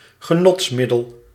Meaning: a recreational drug, a stimulant
- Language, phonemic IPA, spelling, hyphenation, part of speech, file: Dutch, /ɣəˈnɔtsˌmɪ.dəl/, genotsmiddel, ge‧nots‧mid‧del, noun, Nl-genotsmiddel.ogg